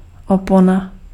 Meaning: curtain
- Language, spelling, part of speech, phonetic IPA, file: Czech, opona, noun, [ˈopona], Cs-opona.ogg